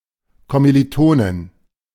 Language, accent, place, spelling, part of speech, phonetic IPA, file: German, Germany, Berlin, Kommilitonin, noun, [ˌkɔmiliˈtoːnɪn], De-Kommilitonin.ogg
- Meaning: female equivalent of Kommilitone (“fellow student, classmate, schoolmate”)